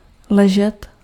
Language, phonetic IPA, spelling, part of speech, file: Czech, [ˈlɛʒɛt], ležet, verb, Cs-ležet.ogg
- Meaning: to lie (in horizontal position)